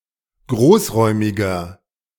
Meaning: inflection of großräumig: 1. strong/mixed nominative masculine singular 2. strong genitive/dative feminine singular 3. strong genitive plural
- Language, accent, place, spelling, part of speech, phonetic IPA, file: German, Germany, Berlin, großräumiger, adjective, [ˈɡʁoːsˌʁɔɪ̯mɪɡɐ], De-großräumiger.ogg